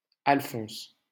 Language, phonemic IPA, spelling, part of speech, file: French, /al.fɔ̃s/, Alphonse, proper noun, LL-Q150 (fra)-Alphonse.wav
- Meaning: a male given name, feminine equivalent Alphonsine